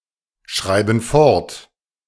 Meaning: inflection of fortschreiben: 1. first/third-person plural present 2. first/third-person plural subjunctive I
- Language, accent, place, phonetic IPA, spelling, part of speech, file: German, Germany, Berlin, [ˌʃʁaɪ̯bn̩ ˈfɔʁt], schreiben fort, verb, De-schreiben fort.ogg